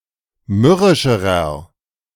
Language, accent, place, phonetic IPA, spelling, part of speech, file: German, Germany, Berlin, [ˈmʏʁɪʃəʁɐ], mürrischerer, adjective, De-mürrischerer.ogg
- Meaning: inflection of mürrisch: 1. strong/mixed nominative masculine singular comparative degree 2. strong genitive/dative feminine singular comparative degree 3. strong genitive plural comparative degree